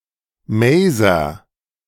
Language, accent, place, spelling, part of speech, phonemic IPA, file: German, Germany, Berlin, Maser, noun, /ˈmaːzɐ/, De-Maser.ogg
- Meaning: 1. knot (bright excrescence on the trunk of a tree) 2. vein (of wood) 3. maser (device for amplifying microwaves by stimulating radiation emission)